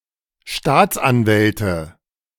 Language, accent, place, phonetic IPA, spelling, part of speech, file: German, Germany, Berlin, [ˈʃtaːt͡sʔanˌvɛltə], Staatsanwälte, noun, De-Staatsanwälte.ogg
- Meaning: nominative/accusative/genitive plural of Staatsanwalt